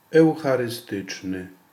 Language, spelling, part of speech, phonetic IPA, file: Polish, eucharystyczny, adjective, [ˌɛwxarɨˈstɨt͡ʃnɨ], Pl-eucharystyczny.ogg